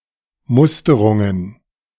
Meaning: plural of Musterung
- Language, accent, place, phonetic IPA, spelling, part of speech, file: German, Germany, Berlin, [ˈmʊstəʁʊŋən], Musterungen, noun, De-Musterungen.ogg